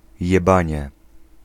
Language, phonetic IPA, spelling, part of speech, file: Polish, [jɛˈbãɲɛ], jebanie, noun, Pl-jebanie.ogg